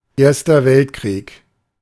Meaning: the First World War, World War I
- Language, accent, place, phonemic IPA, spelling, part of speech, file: German, Germany, Berlin, /ˈeːɐ̯stɐ ˈvɛltkʁiːk/, Erster Weltkrieg, proper noun, De-Erster Weltkrieg.ogg